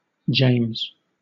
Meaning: 1. The twentieth book of the New Testament of the Bible, the general epistle of James 2. One of two Apostles, James the Greater and James the Less, often identified with James, brother of Jesus
- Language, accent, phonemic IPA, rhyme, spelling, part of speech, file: English, Southern England, /d͡ʒeɪmz/, -eɪmz, James, proper noun, LL-Q1860 (eng)-James.wav